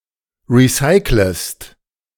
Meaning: second-person singular subjunctive I of recyceln
- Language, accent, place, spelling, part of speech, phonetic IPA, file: German, Germany, Berlin, recyclest, verb, [ˌʁiˈsaɪ̯kləst], De-recyclest.ogg